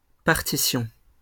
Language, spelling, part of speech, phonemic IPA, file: French, partition, noun, /paʁ.ti.sjɔ̃/, LL-Q150 (fra)-partition.wav
- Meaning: 1. a (geometrical) division using two colors 2. a score, often comprising all parts 3. partition